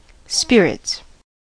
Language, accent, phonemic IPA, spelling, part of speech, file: English, US, /ˈspɪɹɪts/, spirits, verb / noun, En-us-spirits.ogg
- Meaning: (verb) third-person singular simple present indicative of spirit; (noun) 1. plural of spirit 2. Distilled alcoholic beverages